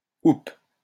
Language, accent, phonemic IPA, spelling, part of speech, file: French, France, /up/, houppe, noun, LL-Q150 (fra)-houppe.wav
- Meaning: 1. tuft 2. tassel 3. powder puff